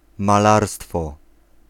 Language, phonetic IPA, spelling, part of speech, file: Polish, [maˈlarstfɔ], malarstwo, noun, Pl-malarstwo.ogg